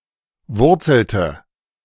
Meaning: inflection of wurzeln: 1. first/third-person singular preterite 2. first/third-person singular subjunctive II
- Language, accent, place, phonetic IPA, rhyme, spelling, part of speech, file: German, Germany, Berlin, [ˈvʊʁt͡sl̩tə], -ʊʁt͡sl̩tə, wurzelte, verb, De-wurzelte.ogg